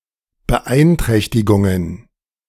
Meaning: plural of Beeinträchtigung
- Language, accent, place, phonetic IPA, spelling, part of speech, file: German, Germany, Berlin, [bəˈʔaɪ̯ntʁɛçtɪɡʊŋən], Beeinträchtigungen, noun, De-Beeinträchtigungen.ogg